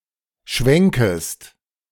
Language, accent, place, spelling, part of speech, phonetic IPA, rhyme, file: German, Germany, Berlin, schwenkest, verb, [ˈʃvɛŋkəst], -ɛŋkəst, De-schwenkest.ogg
- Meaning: second-person singular subjunctive I of schwenken